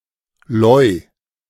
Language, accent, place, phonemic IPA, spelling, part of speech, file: German, Germany, Berlin, /lɔʏ̯/, Leu, noun, De-Leu.ogg
- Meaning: alternative form of Löwe (“lion”)